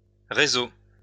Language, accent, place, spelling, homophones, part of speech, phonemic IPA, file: French, France, Lyon, réseaux, réseau, noun, /ʁe.zo/, LL-Q150 (fra)-réseaux.wav
- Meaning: plural of réseau